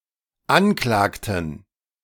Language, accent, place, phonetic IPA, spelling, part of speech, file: German, Germany, Berlin, [ˈanˌklaːktn̩], anklagten, verb, De-anklagten.ogg
- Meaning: inflection of anklagen: 1. first/third-person plural dependent preterite 2. first/third-person plural dependent subjunctive II